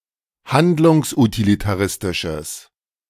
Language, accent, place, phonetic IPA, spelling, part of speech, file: German, Germany, Berlin, [ˈhandlʊŋsʔutilitaˌʁɪstɪʃəs], handlungsutilitaristisches, adjective, De-handlungsutilitaristisches.ogg
- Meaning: strong/mixed nominative/accusative neuter singular of handlungsutilitaristisch